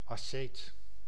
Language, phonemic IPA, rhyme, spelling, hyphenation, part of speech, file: Dutch, /ɑˈseːt/, -eːt, asceet, as‧ceet, noun, Nl-asceet.ogg
- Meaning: ascetic, one who lives a life of self-denial